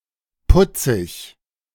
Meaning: 1. cute, sweet 2. funny, comical
- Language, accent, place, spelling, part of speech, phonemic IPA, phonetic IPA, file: German, Germany, Berlin, putzig, adjective, /ˈpʊtsɪç/, [ˈpʊtsɪç], De-putzig.ogg